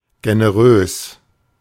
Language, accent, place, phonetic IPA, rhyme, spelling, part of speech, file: German, Germany, Berlin, [ɡenəˈʁøːs], -øːs, generös, adjective, De-generös.ogg
- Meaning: generous